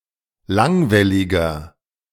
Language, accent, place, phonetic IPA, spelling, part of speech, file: German, Germany, Berlin, [ˈlaŋvɛlɪɡɐ], langwelliger, adjective, De-langwelliger.ogg
- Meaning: inflection of langwellig: 1. strong/mixed nominative masculine singular 2. strong genitive/dative feminine singular 3. strong genitive plural